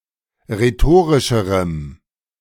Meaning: strong dative masculine/neuter singular comparative degree of rhetorisch
- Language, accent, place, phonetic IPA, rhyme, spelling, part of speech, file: German, Germany, Berlin, [ʁeˈtoːʁɪʃəʁəm], -oːʁɪʃəʁəm, rhetorischerem, adjective, De-rhetorischerem.ogg